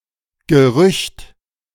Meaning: rumor / rumour
- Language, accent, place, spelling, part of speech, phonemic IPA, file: German, Germany, Berlin, Gerücht, noun, /ɡəˈʁʏçt/, De-Gerücht.ogg